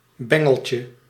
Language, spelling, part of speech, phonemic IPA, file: Dutch, bengeltje, noun, /ˈbɛŋəlcə/, Nl-bengeltje.ogg
- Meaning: diminutive of bengel